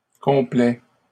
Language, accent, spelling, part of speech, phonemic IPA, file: French, Canada, complaît, verb, /kɔ̃.plɛ/, LL-Q150 (fra)-complaît.wav
- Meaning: third-person singular present indicative of complaire